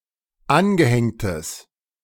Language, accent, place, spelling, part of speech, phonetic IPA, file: German, Germany, Berlin, angehängtes, adjective, [ˈanɡəˌhɛŋtəs], De-angehängtes.ogg
- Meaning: strong/mixed nominative/accusative neuter singular of angehängt